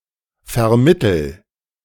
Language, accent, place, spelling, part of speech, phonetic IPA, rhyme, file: German, Germany, Berlin, vermittel, verb, [fɛɐ̯ˈmɪtl̩], -ɪtl̩, De-vermittel.ogg
- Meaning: inflection of vermitteln: 1. first-person singular present 2. singular imperative